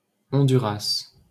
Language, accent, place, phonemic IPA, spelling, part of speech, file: French, France, Paris, /ɔ̃.dy.ʁas/, Honduras, proper noun, LL-Q150 (fra)-Honduras.wav
- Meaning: Honduras (a country in Central America)